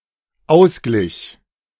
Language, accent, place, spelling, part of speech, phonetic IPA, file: German, Germany, Berlin, ausglich, verb, [ˈaʊ̯sˌɡlɪç], De-ausglich.ogg
- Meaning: first/third-person singular dependent preterite of ausgleichen